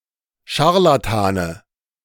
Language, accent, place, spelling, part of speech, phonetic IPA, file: German, Germany, Berlin, Scharlatane, noun, [ˈʃaʁlatanə], De-Scharlatane.ogg
- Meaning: nominative/accusative/genitive plural of Scharlatan